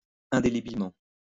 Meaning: indelibly
- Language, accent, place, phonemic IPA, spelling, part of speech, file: French, France, Lyon, /ɛ̃.de.le.bil.mɑ̃/, indélébilement, adverb, LL-Q150 (fra)-indélébilement.wav